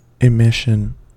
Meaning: 1. Something which is emitted or sent out; issue 2. The act of emitting; the act of sending forth or putting into circulation
- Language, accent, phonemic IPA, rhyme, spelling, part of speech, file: English, US, /ɪˈmɪʃ.ən/, -ɪʃən, emission, noun, En-us-emission.ogg